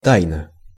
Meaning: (adverb) secretly (in secret); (adjective) short neuter singular of та́йный (tájnyj)
- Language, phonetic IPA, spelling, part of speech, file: Russian, [ˈtajnə], тайно, adverb / adjective, Ru-тайно.ogg